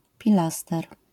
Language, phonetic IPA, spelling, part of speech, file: Polish, [pʲiˈlastɛr], pilaster, noun, LL-Q809 (pol)-pilaster.wav